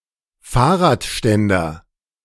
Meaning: kickstand (a levered bar that can be folded down from the frame of a bicycle or motorcycle to prop it upright when not being ridden)
- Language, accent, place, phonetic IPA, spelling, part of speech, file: German, Germany, Berlin, [ˈfaːɐ̯ʁaːtˌʃtɛndɐ], Fahrradständer, noun, De-Fahrradständer.ogg